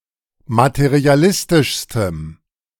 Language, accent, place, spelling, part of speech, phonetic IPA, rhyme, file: German, Germany, Berlin, materialistischstem, adjective, [matəʁiaˈlɪstɪʃstəm], -ɪstɪʃstəm, De-materialistischstem.ogg
- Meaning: strong dative masculine/neuter singular superlative degree of materialistisch